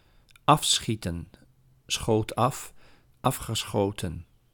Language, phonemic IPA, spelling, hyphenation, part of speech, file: Dutch, /ˈɑfsxitə(n)/, afschieten, af‧schie‧ten, verb, Nl-afschieten.ogg
- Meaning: 1. to shoot dead, to kill by firing at someone or something 2. to cull 3. to descend quickly 4. to separate or to divide with an object such as a screen or a wall